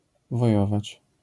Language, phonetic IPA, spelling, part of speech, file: Polish, [vɔˈjɔvat͡ɕ], wojować, verb, LL-Q809 (pol)-wojować.wav